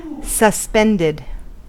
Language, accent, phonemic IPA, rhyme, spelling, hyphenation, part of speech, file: English, US, /səˈspɛndɪd/, -ɛndɪd, suspended, sus‧pend‧ed, adjective / verb, En-us-suspended.ogg
- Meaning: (adjective) 1. Caused to stop for a while; interrupted or delayed.: suspended animation 2. Caused to stop for a while; interrupted or delayed.: suspended sentence 3. Hung from above